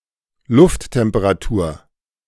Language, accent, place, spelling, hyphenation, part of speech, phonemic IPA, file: German, Germany, Berlin, Lufttemperatur, Luft‧tem‧pe‧ra‧tur, noun, /ˈlʊfttɛmpəʁaˌtuːɐ̯/, De-Lufttemperatur.ogg
- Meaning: atmospheric temperature